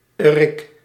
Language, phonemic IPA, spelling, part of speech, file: Dutch, /ərɪk/, -erik, suffix, Nl--erik.ogg
- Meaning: Suffix used with adjectives to indicate a person with a certain quality